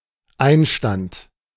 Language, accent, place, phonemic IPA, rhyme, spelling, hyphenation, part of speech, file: German, Germany, Berlin, /ˈaɪ̯nˌʃtant/, -ant, Einstand, Ein‧stand, noun, De-Einstand.ogg
- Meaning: 1. first day, start at a new job or position, debut 2. a small party with food and drink traditionally organized by an employee during their first days at work 3. deuce